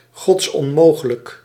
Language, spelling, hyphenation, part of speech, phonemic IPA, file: Dutch, godsonmogelijk, gods‧on‧mo‧ge‧lijk, adjective, /ˈɣɔts.ɔnˌmoː.ɣə.lək/, Nl-godsonmogelijk.ogg
- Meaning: absolutely impossible